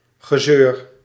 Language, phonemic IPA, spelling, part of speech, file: Dutch, /ɣə.ˈzøːr/, gezeur, noun, Nl-gezeur.ogg
- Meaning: 1. sour mood 2. nagging